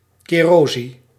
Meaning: kerosene
- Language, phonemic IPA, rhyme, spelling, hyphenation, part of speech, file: Dutch, /ˌkeː.roːˈzi.nə/, -inə, kerosine, ke‧ro‧si‧ne, noun, Nl-kerosine.ogg